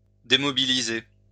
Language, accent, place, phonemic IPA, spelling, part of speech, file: French, France, Lyon, /de.mɔ.bi.li.ze/, démobiliser, verb, LL-Q150 (fra)-démobiliser.wav
- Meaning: to demobilise